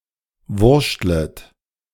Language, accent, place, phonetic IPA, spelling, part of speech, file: German, Germany, Berlin, [ˈvʊʁʃtlət], wurschtlet, verb, De-wurschtlet.ogg
- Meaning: second-person plural subjunctive I of wurschteln